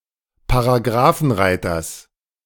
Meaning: genitive singular of Paragrafenreiter
- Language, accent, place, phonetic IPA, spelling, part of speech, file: German, Germany, Berlin, [paʁaˈɡʁaːfn̩ˌʁaɪ̯tɐs], Paragrafenreiters, noun, De-Paragrafenreiters.ogg